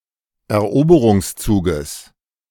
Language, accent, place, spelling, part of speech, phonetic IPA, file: German, Germany, Berlin, Eroberungszuges, noun, [ɛɐ̯ˈʔoːbəʁʊŋsˌt͡suːɡəs], De-Eroberungszuges.ogg
- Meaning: genitive singular of Eroberungszug